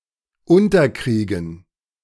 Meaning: to bring down
- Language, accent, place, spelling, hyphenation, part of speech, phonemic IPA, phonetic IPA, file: German, Germany, Berlin, unterkriegen, un‧ter‧krie‧gen, verb, /ˈʊntɐˌkʁiːɡən/, [ˈʊntɐˌkʁiːɡn̩], De-unterkriegen.ogg